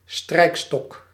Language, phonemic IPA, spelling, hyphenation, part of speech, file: Dutch, /ˈstrɛi̯k.stɔk/, strijkstok, strijk‧stok, noun, Nl-strijkstok.ogg
- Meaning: 1. bow (rod used for playing stringed instruments) 2. strickle, screed, strike (rod or other straight-edged instrument for levelling a measure)